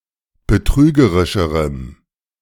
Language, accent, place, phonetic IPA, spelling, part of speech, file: German, Germany, Berlin, [bəˈtʁyːɡəʁɪʃəʁəm], betrügerischerem, adjective, De-betrügerischerem.ogg
- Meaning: strong dative masculine/neuter singular comparative degree of betrügerisch